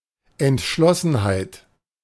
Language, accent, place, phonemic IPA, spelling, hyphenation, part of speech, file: German, Germany, Berlin, /ɛntˈʃlɔsn̩haɪ̯t/, Entschlossenheit, Ent‧schlos‧sen‧heit, noun, De-Entschlossenheit.ogg
- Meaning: determination, resolution